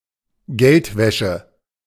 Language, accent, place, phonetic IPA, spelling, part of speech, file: German, Germany, Berlin, [ˈɡɛltˌvɛʃə], Geldwäsche, noun, De-Geldwäsche.ogg
- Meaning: money laundering